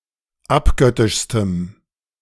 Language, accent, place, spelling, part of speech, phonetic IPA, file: German, Germany, Berlin, abgöttischstem, adjective, [ˈapˌɡœtɪʃstəm], De-abgöttischstem.ogg
- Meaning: strong dative masculine/neuter singular superlative degree of abgöttisch